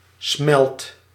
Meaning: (noun) a quantity of molten material; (verb) inflection of smelten: 1. first/second/third-person singular present indicative 2. imperative
- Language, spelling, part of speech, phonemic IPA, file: Dutch, smelt, noun / verb, /smɛlt/, Nl-smelt.ogg